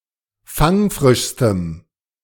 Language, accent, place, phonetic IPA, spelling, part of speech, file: German, Germany, Berlin, [ˈfaŋˌfʁɪʃstəm], fangfrischstem, adjective, De-fangfrischstem.ogg
- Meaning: strong dative masculine/neuter singular superlative degree of fangfrisch